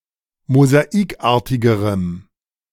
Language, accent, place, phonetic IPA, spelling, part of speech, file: German, Germany, Berlin, [mozaˈiːkˌʔaːɐ̯tɪɡəʁəm], mosaikartigerem, adjective, De-mosaikartigerem.ogg
- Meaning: strong dative masculine/neuter singular comparative degree of mosaikartig